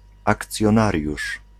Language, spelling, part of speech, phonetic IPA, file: Polish, akcjonariusz, noun, [ˌakt͡sʲjɔ̃ˈnarʲjuʃ], Pl-akcjonariusz.ogg